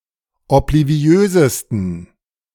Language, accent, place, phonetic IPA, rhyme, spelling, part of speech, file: German, Germany, Berlin, [ɔpliˈvi̯øːzəstn̩], -øːzəstn̩, obliviösesten, adjective, De-obliviösesten.ogg
- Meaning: 1. superlative degree of obliviös 2. inflection of obliviös: strong genitive masculine/neuter singular superlative degree